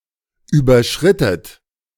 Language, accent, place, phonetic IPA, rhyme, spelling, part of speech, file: German, Germany, Berlin, [ˌyːbɐˈʃʁɪtət], -ɪtət, überschrittet, verb, De-überschrittet.ogg
- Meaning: inflection of überschreiten: 1. second-person plural preterite 2. second-person plural subjunctive II